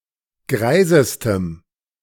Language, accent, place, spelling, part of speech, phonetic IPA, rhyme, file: German, Germany, Berlin, greisestem, adjective, [ˈɡʁaɪ̯zəstəm], -aɪ̯zəstəm, De-greisestem.ogg
- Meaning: strong dative masculine/neuter singular superlative degree of greis